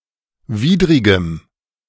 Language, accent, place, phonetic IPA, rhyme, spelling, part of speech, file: German, Germany, Berlin, [ˈviːdʁɪɡəm], -iːdʁɪɡəm, widrigem, adjective, De-widrigem.ogg
- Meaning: strong dative masculine/neuter singular of widrig